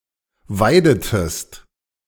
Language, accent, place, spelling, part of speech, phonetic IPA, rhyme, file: German, Germany, Berlin, weidetest, verb, [ˈvaɪ̯dətəst], -aɪ̯dətəst, De-weidetest.ogg
- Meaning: inflection of weiden: 1. second-person singular preterite 2. second-person singular subjunctive II